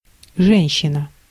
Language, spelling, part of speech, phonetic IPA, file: Russian, женщина, noun, [ˈʐɛnʲɕːɪnə], Ru-женщина.ogg
- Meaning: 1. woman 2. Madam, lady, woman (rather crude but common form of address)